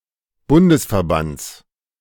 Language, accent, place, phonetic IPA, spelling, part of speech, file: German, Germany, Berlin, [ˈbʊndəsfɛɐ̯ˌbant͡s], Bundesverbands, noun, De-Bundesverbands.ogg
- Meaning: genitive singular of Bundesverband